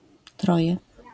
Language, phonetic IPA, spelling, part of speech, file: Polish, [ˈtrɔjɛ], troje, numeral, LL-Q809 (pol)-troje.wav